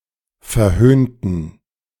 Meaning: inflection of verhöhnen: 1. first/third-person plural preterite 2. first/third-person plural subjunctive II
- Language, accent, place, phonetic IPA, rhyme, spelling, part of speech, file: German, Germany, Berlin, [fɛɐ̯ˈhøːntn̩], -øːntn̩, verhöhnten, adjective / verb, De-verhöhnten.ogg